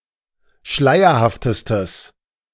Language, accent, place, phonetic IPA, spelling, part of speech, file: German, Germany, Berlin, [ˈʃlaɪ̯ɐhaftəstəs], schleierhaftestes, adjective, De-schleierhaftestes.ogg
- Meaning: strong/mixed nominative/accusative neuter singular superlative degree of schleierhaft